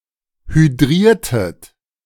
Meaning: inflection of hydrieren: 1. second-person plural preterite 2. second-person plural subjunctive II
- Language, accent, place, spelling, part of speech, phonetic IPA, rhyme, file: German, Germany, Berlin, hydriertet, verb, [hyˈdʁiːɐ̯tət], -iːɐ̯tət, De-hydriertet.ogg